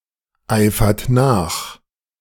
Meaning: inflection of nacheifern: 1. second-person plural present 2. third-person singular present 3. plural imperative
- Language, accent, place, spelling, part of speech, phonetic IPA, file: German, Germany, Berlin, eifert nach, verb, [ˌaɪ̯fɐt ˈnaːx], De-eifert nach.ogg